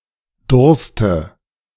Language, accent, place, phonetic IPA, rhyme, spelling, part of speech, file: German, Germany, Berlin, [ˈdʊʁstə], -ʊʁstə, Durste, noun, De-Durste.ogg
- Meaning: dative singular of Durst